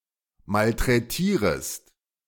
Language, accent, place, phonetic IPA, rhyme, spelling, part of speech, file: German, Germany, Berlin, [maltʁɛˈtiːʁəst], -iːʁəst, malträtierest, verb, De-malträtierest.ogg
- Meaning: second-person singular subjunctive I of malträtieren